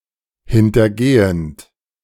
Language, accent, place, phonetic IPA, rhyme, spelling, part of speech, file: German, Germany, Berlin, [hɪntɐˈɡeːənt], -eːənt, hintergehend, verb, De-hintergehend.ogg
- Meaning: present participle of hintergehen